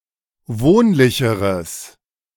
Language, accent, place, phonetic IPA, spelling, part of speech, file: German, Germany, Berlin, [ˈvoːnlɪçəʁəs], wohnlicheres, adjective, De-wohnlicheres.ogg
- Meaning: strong/mixed nominative/accusative neuter singular comparative degree of wohnlich